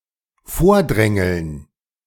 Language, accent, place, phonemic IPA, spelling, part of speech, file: German, Germany, Berlin, /ˈfoːɐ̯ˌdʁɛŋl̩n/, vordrängeln, verb, De-vordrängeln.ogg
- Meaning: to push to the front, to line-jump